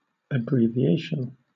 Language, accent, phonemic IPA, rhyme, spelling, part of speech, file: English, Southern England, /əˌbɹiː.viˈeɪ.ʃən/, -eɪʃən, abbreviation, noun, LL-Q1860 (eng)-abbreviation.wav
- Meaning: The result of shortening or reducing; abridgment